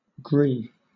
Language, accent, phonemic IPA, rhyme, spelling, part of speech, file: English, Southern England, /ɡɹiː/, -iː, gree, noun / verb, LL-Q1860 (eng)-gree.wav
- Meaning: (noun) 1. One of a flight of steps 2. A stage in a process; a degree of rank or station 3. A degree 4. Pre-eminence; victory or superiority in combat (hence also, the prize for winning a combat)